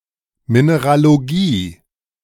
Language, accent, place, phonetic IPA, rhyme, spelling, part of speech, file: German, Germany, Berlin, [ˌmineʁaloˈɡiː], -iː, Mineralogie, noun, De-Mineralogie.ogg
- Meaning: mineralogy